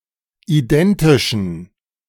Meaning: inflection of identisch: 1. strong genitive masculine/neuter singular 2. weak/mixed genitive/dative all-gender singular 3. strong/weak/mixed accusative masculine singular 4. strong dative plural
- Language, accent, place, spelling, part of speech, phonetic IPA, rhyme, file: German, Germany, Berlin, identischen, adjective, [iˈdɛntɪʃn̩], -ɛntɪʃn̩, De-identischen.ogg